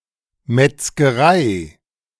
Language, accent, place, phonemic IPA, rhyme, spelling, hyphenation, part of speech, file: German, Germany, Berlin, /mɛtsɡəˈʁaɪ̯/, -aɪ̯, Metzgerei, Metz‧ge‧rei, noun, De-Metzgerei.ogg
- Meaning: butcher's, butcher's shop